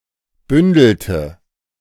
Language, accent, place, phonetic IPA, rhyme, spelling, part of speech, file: German, Germany, Berlin, [ˈbʏndl̩tə], -ʏndl̩tə, bündelte, verb, De-bündelte.ogg
- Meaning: inflection of bündeln: 1. first/third-person singular preterite 2. first/third-person singular subjunctive II